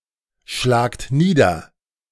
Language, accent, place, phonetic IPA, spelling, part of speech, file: German, Germany, Berlin, [ˌʃlaːkt ˈniːdɐ], schlagt nieder, verb, De-schlagt nieder.ogg
- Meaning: inflection of niederschlagen: 1. second-person plural present 2. plural imperative